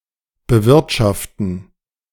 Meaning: administer, manage
- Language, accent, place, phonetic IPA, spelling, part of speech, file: German, Germany, Berlin, [bəˈvɪʁtʃaftn̩], bewirtschaften, verb, De-bewirtschaften.ogg